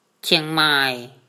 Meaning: Chiang Mai
- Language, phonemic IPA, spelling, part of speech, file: Mon, /t͡ɕʰia̯ŋmay/, ချေဳၚ်မာဲ, proper noun, Mnw-ချေဳၚ်မာဲ.wav